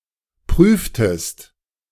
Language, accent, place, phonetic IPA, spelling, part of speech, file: German, Germany, Berlin, [ˈpʁyːftəst], prüftest, verb, De-prüftest.ogg
- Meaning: inflection of prüfen: 1. second-person singular preterite 2. second-person singular subjunctive II